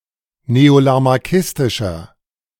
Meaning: inflection of neolamarckistisch: 1. strong/mixed nominative masculine singular 2. strong genitive/dative feminine singular 3. strong genitive plural
- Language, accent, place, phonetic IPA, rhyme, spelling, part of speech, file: German, Germany, Berlin, [neolamaʁˈkɪstɪʃɐ], -ɪstɪʃɐ, neolamarckistischer, adjective, De-neolamarckistischer.ogg